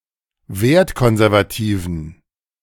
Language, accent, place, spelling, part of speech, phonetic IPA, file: German, Germany, Berlin, wertkonservativen, adjective, [ˈveːɐ̯tˌkɔnzɛʁvaˌtiːvn̩], De-wertkonservativen.ogg
- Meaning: inflection of wertkonservativ: 1. strong genitive masculine/neuter singular 2. weak/mixed genitive/dative all-gender singular 3. strong/weak/mixed accusative masculine singular 4. strong dative plural